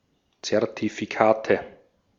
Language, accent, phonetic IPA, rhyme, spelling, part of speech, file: German, Austria, [t͡sɛʁtifiˈkaːtə], -aːtə, Zertifikate, noun, De-at-Zertifikate.ogg
- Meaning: nominative/accusative/genitive plural of Zertifikat "certificates"